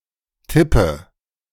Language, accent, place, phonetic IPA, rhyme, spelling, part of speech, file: German, Germany, Berlin, [ˈtɪpə], -ɪpə, tippe, verb, De-tippe.ogg
- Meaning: inflection of tippen: 1. first-person singular present 2. singular imperative 3. first/third-person singular subjunctive I